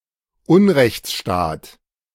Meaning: a state that doesn't obey the rule of law and in which the powerholders exercise their power arbitrarily at will
- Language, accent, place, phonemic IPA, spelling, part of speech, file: German, Germany, Berlin, /ˈʊnrɛçt͡sʃtaːt/, Unrechtsstaat, noun, De-Unrechtsstaat.ogg